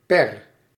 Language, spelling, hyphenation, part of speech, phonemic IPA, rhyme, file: Dutch, per, per, preposition, /pɛr/, -ɛr, Nl-per.ogg
- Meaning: 1. for each; for every; per 2. by means of